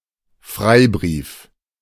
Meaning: 1. charter 2. carte blanche
- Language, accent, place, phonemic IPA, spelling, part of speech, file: German, Germany, Berlin, /ˈfʁaɪ̯bʁiːf/, Freibrief, noun, De-Freibrief.ogg